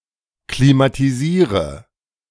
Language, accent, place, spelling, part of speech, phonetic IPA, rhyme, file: German, Germany, Berlin, klimatisiere, verb, [klimatiˈziːʁə], -iːʁə, De-klimatisiere.ogg
- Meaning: inflection of klimatisieren: 1. first-person singular present 2. first/third-person singular subjunctive I 3. singular imperative